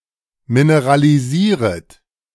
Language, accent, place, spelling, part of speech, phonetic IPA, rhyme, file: German, Germany, Berlin, mineralisieret, verb, [minəʁaliˈziːʁət], -iːʁət, De-mineralisieret.ogg
- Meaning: second-person plural subjunctive I of mineralisieren